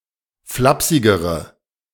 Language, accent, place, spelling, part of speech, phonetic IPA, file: German, Germany, Berlin, flapsigere, adjective, [ˈflapsɪɡəʁə], De-flapsigere.ogg
- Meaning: inflection of flapsig: 1. strong/mixed nominative/accusative feminine singular comparative degree 2. strong nominative/accusative plural comparative degree